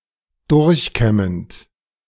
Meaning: present participle of durchkämmen
- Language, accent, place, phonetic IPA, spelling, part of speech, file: German, Germany, Berlin, [ˈdʊʁçˌkɛmənt], durchkämmend, verb, De-durchkämmend.ogg